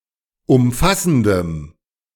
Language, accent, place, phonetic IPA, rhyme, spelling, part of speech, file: German, Germany, Berlin, [ʊmˈfasn̩dəm], -asn̩dəm, umfassendem, adjective, De-umfassendem.ogg
- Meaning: strong dative masculine/neuter singular of umfassend